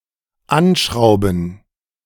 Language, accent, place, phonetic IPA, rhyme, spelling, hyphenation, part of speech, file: German, Germany, Berlin, [ˈanˌʃʁaʊ̯bn̩], -aʊ̯bn̩, anschrauben, an‧schrau‧ben, verb, De-anschrauben.ogg
- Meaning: to screw (on)